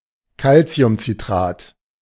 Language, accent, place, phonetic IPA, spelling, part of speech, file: German, Germany, Berlin, [ˈkalt͡si̯ʊmt͡siˌtʁaːt], Calciumcitrat, noun, De-Calciumcitrat.ogg
- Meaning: calcium citrate